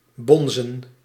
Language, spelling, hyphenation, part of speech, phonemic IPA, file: Dutch, bonzen, bon‧zen, verb / noun, /ˈbɔnzə(n)/, Nl-bonzen.ogg
- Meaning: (verb) 1. to thump, knock 2. to throb, bounce, pulsate; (noun) 1. plural of bons 2. plural of bonze